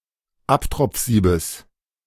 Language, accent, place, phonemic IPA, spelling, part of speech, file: German, Germany, Berlin, /ˈaptʁɔp͡f̩ˌziːbəs/, Abtropfsiebes, noun, De-Abtropfsiebes.ogg
- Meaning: genitive singular of Abtropfsieb